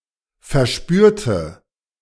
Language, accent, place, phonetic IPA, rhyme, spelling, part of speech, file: German, Germany, Berlin, [fɛɐ̯ˈʃpyːɐ̯tə], -yːɐ̯tə, verspürte, adjective / verb, De-verspürte.ogg
- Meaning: inflection of verspüren: 1. first/third-person singular preterite 2. first/third-person singular subjunctive II